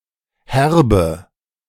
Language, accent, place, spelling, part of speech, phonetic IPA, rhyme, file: German, Germany, Berlin, herbe, adjective, [ˈhɛʁbə], -ɛʁbə, De-herbe.ogg
- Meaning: inflection of herb: 1. strong/mixed nominative/accusative feminine singular 2. strong nominative/accusative plural 3. weak nominative all-gender singular 4. weak accusative feminine/neuter singular